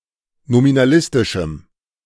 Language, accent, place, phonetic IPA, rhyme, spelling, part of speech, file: German, Germany, Berlin, [nominaˈlɪstɪʃm̩], -ɪstɪʃm̩, nominalistischem, adjective, De-nominalistischem.ogg
- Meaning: strong dative masculine/neuter singular of nominalistisch